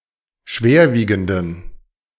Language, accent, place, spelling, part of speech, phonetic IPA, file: German, Germany, Berlin, schwerwiegenden, adjective, [ˈʃveːɐ̯ˌviːɡn̩dən], De-schwerwiegenden.ogg
- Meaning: inflection of schwerwiegend: 1. strong genitive masculine/neuter singular 2. weak/mixed genitive/dative all-gender singular 3. strong/weak/mixed accusative masculine singular 4. strong dative plural